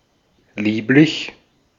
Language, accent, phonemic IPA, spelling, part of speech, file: German, Austria, /ˈliːplɪç/, lieblich, adjective, De-at-lieblich.ogg
- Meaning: 1. sweet 2. charming; adorable; lovely (of a person, usually female and/or a child) 3. lovely; wonderful